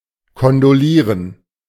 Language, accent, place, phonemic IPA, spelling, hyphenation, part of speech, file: German, Germany, Berlin, /kɔndoˈliːʁən/, kondolieren, kon‧do‧lie‧ren, verb, De-kondolieren.ogg
- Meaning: to express condolences